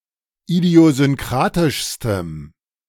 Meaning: strong dative masculine/neuter singular superlative degree of idiosynkratisch
- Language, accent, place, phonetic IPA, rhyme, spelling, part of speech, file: German, Germany, Berlin, [idi̯ozʏnˈkʁaːtɪʃstəm], -aːtɪʃstəm, idiosynkratischstem, adjective, De-idiosynkratischstem.ogg